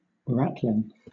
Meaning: The rope or similar material used to make cross-ropes on a ship
- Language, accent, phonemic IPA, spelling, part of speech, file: English, Southern England, /ˈɹætlɪn/, ratline, noun, LL-Q1860 (eng)-ratline.wav